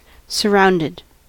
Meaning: simple past and past participle of surround
- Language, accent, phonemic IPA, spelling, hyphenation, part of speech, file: English, US, /səˈɹaʊndɪd/, surrounded, sur‧round‧ed, adjective / verb, En-us-surrounded.ogg